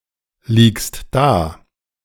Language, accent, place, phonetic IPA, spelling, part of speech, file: German, Germany, Berlin, [ˌliːkst ˈdaː], liegst da, verb, De-liegst da.ogg
- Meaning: second-person singular present of daliegen